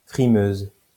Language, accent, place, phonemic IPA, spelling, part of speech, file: French, France, Lyon, /fʁi.møz/, frimeuse, noun, LL-Q150 (fra)-frimeuse.wav
- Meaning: female equivalent of frimeur